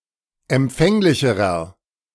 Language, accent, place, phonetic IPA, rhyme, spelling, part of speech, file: German, Germany, Berlin, [ɛmˈp͡fɛŋlɪçəʁɐ], -ɛŋlɪçəʁɐ, empfänglicherer, adjective, De-empfänglicherer.ogg
- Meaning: inflection of empfänglich: 1. strong/mixed nominative masculine singular comparative degree 2. strong genitive/dative feminine singular comparative degree 3. strong genitive plural comparative degree